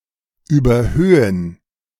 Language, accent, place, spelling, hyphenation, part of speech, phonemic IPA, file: German, Germany, Berlin, überhöhen, über‧hö‧hen, verb, /ˌyːbɐˈhøːən/, De-überhöhen.ogg
- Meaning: 1. to bank 2. to exaggerate, to be excessive, to inflate